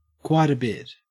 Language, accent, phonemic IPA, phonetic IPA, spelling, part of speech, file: English, Australia, /ˌkwɑɪt ə ˈbɪt/, [ˌkwɑɪ.ɾə ˈbɪt], quite a bit, adverb, En-au-quite a bit.ogg
- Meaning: considerably